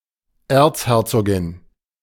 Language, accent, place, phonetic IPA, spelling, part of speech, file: German, Germany, Berlin, [ˈeːɐ̯t͡sˌhɛʁt͡soːɡɪn], Erzherzogin, noun, De-Erzherzogin.ogg
- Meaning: archduchess (daughter or granddaughter of the Emperor of Austria-Hungary)